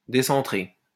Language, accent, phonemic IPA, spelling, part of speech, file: French, France, /de.sɑ̃.tʁe/, décentrer, verb, LL-Q150 (fra)-décentrer.wav
- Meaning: to move off-centre